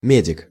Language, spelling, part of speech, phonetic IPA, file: Russian, медик, noun, [ˈmʲedʲɪk], Ru-медик.ogg
- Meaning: medic